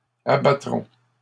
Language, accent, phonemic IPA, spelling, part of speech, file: French, Canada, /a.ba.tʁɔ̃/, abattront, verb, LL-Q150 (fra)-abattront.wav
- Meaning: third-person plural future of abattre